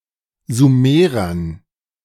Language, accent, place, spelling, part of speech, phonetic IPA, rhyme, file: German, Germany, Berlin, Sumerern, noun, [zuˈmeːʁɐn], -eːʁɐn, De-Sumerern.ogg
- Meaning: dative plural of Sumerer